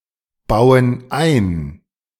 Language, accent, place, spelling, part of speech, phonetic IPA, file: German, Germany, Berlin, bauen ein, verb, [ˌbaʊ̯ən ˈaɪ̯n], De-bauen ein.ogg
- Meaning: inflection of einbauen: 1. first/third-person plural present 2. first/third-person plural subjunctive I